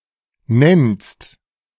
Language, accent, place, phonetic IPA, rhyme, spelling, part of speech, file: German, Germany, Berlin, [nɛnst], -ɛnst, nennst, verb, De-nennst.ogg
- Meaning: second-person singular present of nennen